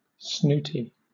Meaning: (adjective) 1. Haughty, pompous, snobbish; inclined to turn up one's nose 2. Of an event, a thing, etc.: elite, exclusive 3. Easily angered or irritated; irritable, short-tempered
- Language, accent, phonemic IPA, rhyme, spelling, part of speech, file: English, Southern England, /ˈsnuːti/, -uːti, snooty, adjective / noun, LL-Q1860 (eng)-snooty.wav